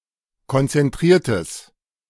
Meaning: strong/mixed nominative/accusative neuter singular of konzentriert
- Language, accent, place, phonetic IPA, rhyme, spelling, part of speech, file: German, Germany, Berlin, [kɔnt͡sɛnˈtʁiːɐ̯təs], -iːɐ̯təs, konzentriertes, adjective, De-konzentriertes.ogg